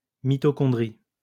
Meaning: mitochondrion
- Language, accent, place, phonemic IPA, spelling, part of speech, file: French, France, Lyon, /mi.tɔ.kɔ̃.dʁi/, mitochondrie, noun, LL-Q150 (fra)-mitochondrie.wav